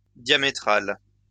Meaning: diametric
- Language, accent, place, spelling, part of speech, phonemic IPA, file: French, France, Lyon, diamétral, adjective, /dja.me.tʁal/, LL-Q150 (fra)-diamétral.wav